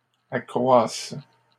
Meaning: third-person singular present indicative/subjunctive of accroître
- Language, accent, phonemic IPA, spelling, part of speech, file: French, Canada, /a.kʁwas/, accroissent, verb, LL-Q150 (fra)-accroissent.wav